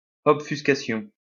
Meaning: obfuscation
- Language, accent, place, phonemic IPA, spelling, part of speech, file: French, France, Lyon, /ɔp.fys.ka.sjɔ̃/, obfuscation, noun, LL-Q150 (fra)-obfuscation.wav